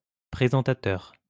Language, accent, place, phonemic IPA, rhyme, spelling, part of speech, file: French, France, Lyon, /pʁe.zɑ̃.ta.tœʁ/, -œʁ, présentateur, noun, LL-Q150 (fra)-présentateur.wav
- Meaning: announcer, newscaster, anchor